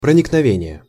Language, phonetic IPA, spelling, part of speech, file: Russian, [prənʲɪknɐˈvʲenʲɪje], проникновение, noun, Ru-проникновение.ogg
- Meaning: 1. penetration (act of penetrating), infiltration 2. insight 3. sincerity, heartfeltness